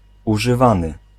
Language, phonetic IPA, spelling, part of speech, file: Polish, [ˌuʒɨˈvãnɨ], używany, verb / adjective, Pl-używany.ogg